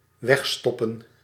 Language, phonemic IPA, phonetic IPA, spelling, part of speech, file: Dutch, /ˈʋɛx.stɔpə(n)/, [(ə)ˈwæxstopə], wegstoppen, verb, Nl-wegstoppen.ogg
- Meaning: 1. to put away 2. to hide